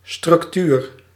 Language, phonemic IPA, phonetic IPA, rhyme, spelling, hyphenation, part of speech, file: Dutch, /strʏkˈtyr/, [strʏkˈtyːr], -yr, structuur, struc‧tuur, noun, Nl-structuur.ogg
- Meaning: 1. structure 2. functionary, cadre